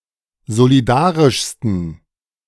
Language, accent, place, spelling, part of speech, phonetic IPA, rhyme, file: German, Germany, Berlin, solidarischsten, adjective, [zoliˈdaːʁɪʃstn̩], -aːʁɪʃstn̩, De-solidarischsten.ogg
- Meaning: 1. superlative degree of solidarisch 2. inflection of solidarisch: strong genitive masculine/neuter singular superlative degree